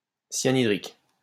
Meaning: hydrocyanic
- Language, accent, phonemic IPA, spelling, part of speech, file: French, France, /sja.ni.dʁik/, cyanhydrique, adjective, LL-Q150 (fra)-cyanhydrique.wav